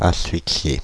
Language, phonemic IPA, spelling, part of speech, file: French, /as.fik.sje/, asphyxier, verb, Fr-asphyxier.ogg
- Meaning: to asphyxiate